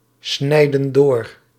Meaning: inflection of doorsnijden: 1. plural present indicative 2. plural present subjunctive
- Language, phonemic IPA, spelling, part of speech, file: Dutch, /ˈsnɛidə(n) ˈdor/, snijden door, verb, Nl-snijden door.ogg